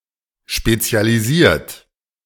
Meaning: 1. past participle of spezialisieren 2. inflection of spezialisieren: third-person singular present 3. inflection of spezialisieren: second-person plural present
- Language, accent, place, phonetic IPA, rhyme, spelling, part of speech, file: German, Germany, Berlin, [ˌʃpet͡si̯aliˈziːɐ̯t], -iːɐ̯t, spezialisiert, adjective / verb, De-spezialisiert.ogg